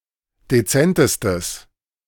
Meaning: strong/mixed nominative/accusative neuter singular superlative degree of dezent
- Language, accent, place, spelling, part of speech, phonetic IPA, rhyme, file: German, Germany, Berlin, dezentestes, adjective, [deˈt͡sɛntəstəs], -ɛntəstəs, De-dezentestes.ogg